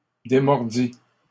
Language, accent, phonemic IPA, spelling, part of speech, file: French, Canada, /de.mɔʁ.di/, démordis, verb, LL-Q150 (fra)-démordis.wav
- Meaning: first/second-person singular past historic of démordre